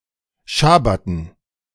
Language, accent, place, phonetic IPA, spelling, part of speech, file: German, Germany, Berlin, [ˈʃabatn̩], Schabbaten, noun, De-Schabbaten.ogg
- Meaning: dative plural of Schabbat